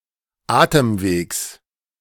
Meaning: genitive singular of Atemweg
- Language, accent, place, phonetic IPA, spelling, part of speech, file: German, Germany, Berlin, [ˈaːtəmˌveːks], Atemwegs, noun, De-Atemwegs.ogg